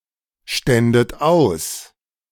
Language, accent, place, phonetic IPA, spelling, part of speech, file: German, Germany, Berlin, [ˌʃtɛndət ˈaʊ̯s], ständet aus, verb, De-ständet aus.ogg
- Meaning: second-person plural subjunctive II of ausstehen